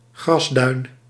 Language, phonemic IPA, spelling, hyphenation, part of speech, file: Dutch, /ˈɣrɑsˌdœy̯n/, grasduin, gras‧duin, noun, Nl-grasduin.ogg
- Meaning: grassy dune (historically considered a delightful place)